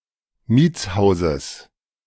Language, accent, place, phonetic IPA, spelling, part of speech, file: German, Germany, Berlin, [ˈmiːt͡sˌhaʊ̯zəs], Mietshauses, noun, De-Mietshauses.ogg
- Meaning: genitive of Mietshaus